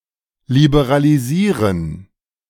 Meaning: to liberalize
- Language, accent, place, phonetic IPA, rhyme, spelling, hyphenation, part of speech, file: German, Germany, Berlin, [libəʁaliˈziːʁən], -iːʁən, liberalisieren, li‧be‧ra‧li‧sie‧ren, verb, De-liberalisieren.ogg